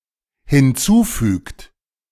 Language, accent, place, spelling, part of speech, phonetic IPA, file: German, Germany, Berlin, hinzufügt, verb, [hɪnˈt͡suːˌfyːkt], De-hinzufügt.ogg
- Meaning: inflection of hinzufügen: 1. third-person singular dependent present 2. second-person plural dependent present